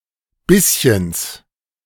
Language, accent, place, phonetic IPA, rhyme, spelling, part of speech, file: German, Germany, Berlin, [ˈbɪsçəns], -ɪsçəns, Bisschens, noun, De-Bisschens.ogg
- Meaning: genitive of Bisschen